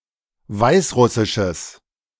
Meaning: strong/mixed nominative/accusative neuter singular of weißrussisch
- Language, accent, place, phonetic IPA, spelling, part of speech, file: German, Germany, Berlin, [ˈvaɪ̯sˌʁʊsɪʃəs], weißrussisches, adjective, De-weißrussisches.ogg